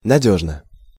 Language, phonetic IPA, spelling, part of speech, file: Russian, [nɐˈdʲɵʐnə], надёжно, adverb / adjective, Ru-надёжно.ogg
- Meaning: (adverb) reliably (in a reliable manner); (adjective) short neuter singular of надёжный (nadjóžnyj)